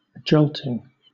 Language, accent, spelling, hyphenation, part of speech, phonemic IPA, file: English, Southern England, jolting, jolt‧ing, adjective / noun / verb, /ˈd͡ʒəʊltɪŋ/, LL-Q1860 (eng)-jolting.wav
- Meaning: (adjective) 1. Causing or characterized by sudden abrupt movements 2. Synonym of shocking; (noun) gerund of jolt: an action or movement that jolts; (verb) present participle and gerund of jolt